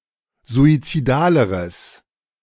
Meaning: strong/mixed nominative/accusative neuter singular comparative degree of suizidal
- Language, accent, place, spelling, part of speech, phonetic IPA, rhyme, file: German, Germany, Berlin, suizidaleres, adjective, [zuit͡siˈdaːləʁəs], -aːləʁəs, De-suizidaleres.ogg